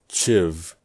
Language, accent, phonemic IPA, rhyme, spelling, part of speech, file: English, US, /t͡ʃɪv/, -ɪv, chiv, noun / verb, En-us-chiv.ogg
- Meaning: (noun) 1. Alternative form of shiv (“a knife”) 2. The scooped-out portion at the end of a stave used to make a cask, where the croze will be incised 3. A cooper's tool used to make that section